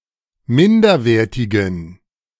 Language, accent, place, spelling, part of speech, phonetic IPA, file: German, Germany, Berlin, minderwertigen, adjective, [ˈmɪndɐˌveːɐ̯tɪɡn̩], De-minderwertigen.ogg
- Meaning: inflection of minderwertig: 1. strong genitive masculine/neuter singular 2. weak/mixed genitive/dative all-gender singular 3. strong/weak/mixed accusative masculine singular 4. strong dative plural